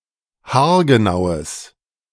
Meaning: strong/mixed nominative/accusative neuter singular of haargenau
- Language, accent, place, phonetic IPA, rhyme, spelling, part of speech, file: German, Germany, Berlin, [haːɐ̯ɡəˈnaʊ̯əs], -aʊ̯əs, haargenaues, adjective, De-haargenaues.ogg